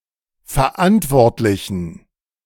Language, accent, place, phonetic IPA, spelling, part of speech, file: German, Germany, Berlin, [fɛɐ̯ˈʔantvɔʁtlɪçn̩], verantwortlichen, adjective, De-verantwortlichen.ogg
- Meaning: inflection of verantwortlich: 1. strong genitive masculine/neuter singular 2. weak/mixed genitive/dative all-gender singular 3. strong/weak/mixed accusative masculine singular 4. strong dative plural